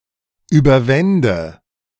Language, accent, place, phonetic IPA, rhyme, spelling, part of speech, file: German, Germany, Berlin, [ˌyːbɐˈvɛndə], -ɛndə, überwände, verb, De-überwände.ogg
- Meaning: first/third-person singular subjunctive II of überwinden